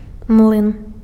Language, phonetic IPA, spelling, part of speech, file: Belarusian, [mɫɨn], млын, noun, Be-млын.ogg
- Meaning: mill